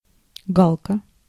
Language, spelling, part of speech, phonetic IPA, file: Russian, галка, noun, [ˈɡaɫkə], Ru-галка.ogg
- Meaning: 1. jackdaw, daw (bird of the genus Coloeus) 2. checkmark